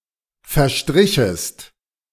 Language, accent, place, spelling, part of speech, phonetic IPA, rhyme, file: German, Germany, Berlin, verstrichest, verb, [fɛɐ̯ˈʃtʁɪçəst], -ɪçəst, De-verstrichest.ogg
- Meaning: second-person singular subjunctive II of verstreichen